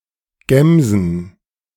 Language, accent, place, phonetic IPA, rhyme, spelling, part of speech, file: German, Germany, Berlin, [ˈɡɛmzn̩], -ɛmzn̩, Gämsen, noun, De-Gämsen.ogg
- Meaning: plural of Gämse